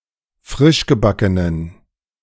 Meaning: inflection of frischgebacken: 1. strong genitive masculine/neuter singular 2. weak/mixed genitive/dative all-gender singular 3. strong/weak/mixed accusative masculine singular 4. strong dative plural
- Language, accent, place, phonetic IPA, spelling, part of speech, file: German, Germany, Berlin, [ˈfʁɪʃɡəˌbakənən], frischgebackenen, adjective, De-frischgebackenen.ogg